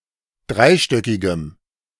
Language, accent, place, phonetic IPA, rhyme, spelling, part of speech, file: German, Germany, Berlin, [ˈdʁaɪ̯ˌʃtœkɪɡəm], -aɪ̯ʃtœkɪɡəm, dreistöckigem, adjective, De-dreistöckigem.ogg
- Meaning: strong dative masculine/neuter singular of dreistöckig